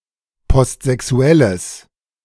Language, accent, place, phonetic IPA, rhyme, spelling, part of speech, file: German, Germany, Berlin, [pɔstzɛˈksu̯ɛləs], -ɛləs, postsexuelles, adjective, De-postsexuelles.ogg
- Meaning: strong/mixed nominative/accusative neuter singular of postsexuell